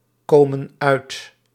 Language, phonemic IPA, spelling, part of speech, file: Dutch, /ˈkomə(n) ˈœyt/, komen uit, verb, Nl-komen uit.ogg
- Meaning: inflection of uitkomen: 1. plural present indicative 2. plural present subjunctive